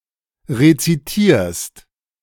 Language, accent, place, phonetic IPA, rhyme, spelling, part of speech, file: German, Germany, Berlin, [ʁet͡siˈtiːɐ̯st], -iːɐ̯st, rezitierst, verb, De-rezitierst.ogg
- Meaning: second-person singular present of rezitieren